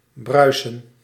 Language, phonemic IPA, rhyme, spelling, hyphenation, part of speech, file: Dutch, /ˈbrœy̯sən/, -œy̯sən, bruisen, brui‧sen, verb, Nl-bruisen.ogg
- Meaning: to form bubbles, to froth, to fizz